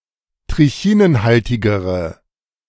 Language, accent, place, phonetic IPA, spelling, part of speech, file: German, Germany, Berlin, [tʁɪˈçiːnənˌhaltɪɡəʁə], trichinenhaltigere, adjective, De-trichinenhaltigere.ogg
- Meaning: inflection of trichinenhaltig: 1. strong/mixed nominative/accusative feminine singular comparative degree 2. strong nominative/accusative plural comparative degree